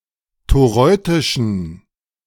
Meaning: inflection of toreutisch: 1. strong genitive masculine/neuter singular 2. weak/mixed genitive/dative all-gender singular 3. strong/weak/mixed accusative masculine singular 4. strong dative plural
- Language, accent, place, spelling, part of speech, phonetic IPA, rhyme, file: German, Germany, Berlin, toreutischen, adjective, [toˈʁɔɪ̯tɪʃn̩], -ɔɪ̯tɪʃn̩, De-toreutischen.ogg